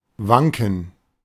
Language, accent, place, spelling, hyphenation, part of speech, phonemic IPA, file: German, Germany, Berlin, wanken, wan‧ken, verb, /ˈvaŋkən/, De-wanken.ogg
- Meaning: 1. to sway, waver (swing slowly, usually such that there is danger of fall or collapse) 2. to stagger, totter, reel (walk swayingly)